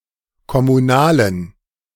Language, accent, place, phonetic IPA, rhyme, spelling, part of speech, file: German, Germany, Berlin, [kɔmuˈnaːlən], -aːlən, kommunalen, adjective, De-kommunalen.ogg
- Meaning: inflection of kommunal: 1. strong genitive masculine/neuter singular 2. weak/mixed genitive/dative all-gender singular 3. strong/weak/mixed accusative masculine singular 4. strong dative plural